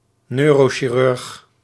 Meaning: neurosurgeon
- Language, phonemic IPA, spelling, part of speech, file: Dutch, /ˈnøːroːʃirʏrx/, neurochirurg, noun, Nl-neurochirurg.ogg